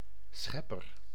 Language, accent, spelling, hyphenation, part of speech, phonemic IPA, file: Dutch, Netherlands, schepper, schep‧per, noun, /ˈsxɛ.pər/, Nl-schepper.ogg
- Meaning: 1. creator, author, inventor 2. a tool used for shovelling or digging